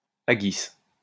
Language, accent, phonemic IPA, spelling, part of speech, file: French, France, /a.ɡis/, haggis, noun, LL-Q150 (fra)-haggis.wav
- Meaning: haggis